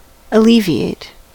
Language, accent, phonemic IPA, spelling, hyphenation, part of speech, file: English, US, /əˈli.vi.eɪt/, alleviate, al‧le‧vi‧ate, verb, En-us-alleviate.ogg
- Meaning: 1. To reduce or lessen the severity of a pain or difficulty 2. (finance) to pay down partially